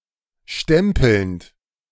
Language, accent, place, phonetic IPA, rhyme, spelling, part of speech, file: German, Germany, Berlin, [ˈʃtɛmpl̩nt], -ɛmpl̩nt, stempelnd, verb, De-stempelnd.ogg
- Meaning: present participle of stempeln